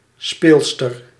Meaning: a female player (of a game or musical instrument)
- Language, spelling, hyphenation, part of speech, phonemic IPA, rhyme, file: Dutch, speelster, speel‧ster, noun, /ˈspeːls.tər/, -ər, Nl-speelster.ogg